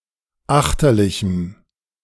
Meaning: strong dative masculine/neuter singular of achterlich
- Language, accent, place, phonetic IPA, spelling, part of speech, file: German, Germany, Berlin, [ˈaxtɐlɪçm̩], achterlichem, adjective, De-achterlichem.ogg